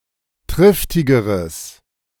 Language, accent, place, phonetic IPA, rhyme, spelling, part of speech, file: German, Germany, Berlin, [ˈtʁɪftɪɡəʁəs], -ɪftɪɡəʁəs, triftigeres, adjective, De-triftigeres.ogg
- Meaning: strong/mixed nominative/accusative neuter singular comparative degree of triftig